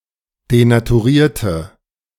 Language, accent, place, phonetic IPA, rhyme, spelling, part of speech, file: German, Germany, Berlin, [denatuˈʁiːɐ̯tə], -iːɐ̯tə, denaturierte, adjective / verb, De-denaturierte.ogg
- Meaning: inflection of denaturieren: 1. first/third-person singular preterite 2. first/third-person singular subjunctive II